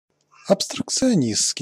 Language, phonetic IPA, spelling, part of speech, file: Russian, [ɐpstrəkt͡sɨɐˈnʲist͡skʲɪj], абстракционистский, adjective, Ru-абстракционистский.ogg
- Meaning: abstract, relating to abstractionism or abstractionists